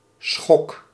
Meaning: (noun) shock; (verb) inflection of schokken: 1. first-person singular present indicative 2. second-person singular present indicative 3. imperative
- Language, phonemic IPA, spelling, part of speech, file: Dutch, /sxɔk/, schok, noun / verb, Nl-schok.ogg